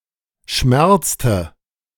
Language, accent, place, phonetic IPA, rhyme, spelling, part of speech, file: German, Germany, Berlin, [ˈʃmɛʁt͡stə], -ɛʁt͡stə, schmerzte, verb, De-schmerzte.ogg
- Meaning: inflection of schmerzen: 1. first/third-person singular preterite 2. first/third-person singular subjunctive II